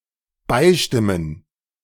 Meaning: to agree
- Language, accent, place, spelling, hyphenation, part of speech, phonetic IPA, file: German, Germany, Berlin, beistimmen, bei‧stim‧men, verb, [ˈbaɪ̯ˌʃtɪmən], De-beistimmen.ogg